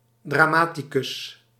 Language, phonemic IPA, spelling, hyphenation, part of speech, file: Dutch, /ˌdraːˈmaː.ti.kʏs/, dramaticus, dra‧ma‧ti‧cus, noun, Nl-dramaticus.ogg
- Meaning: playwright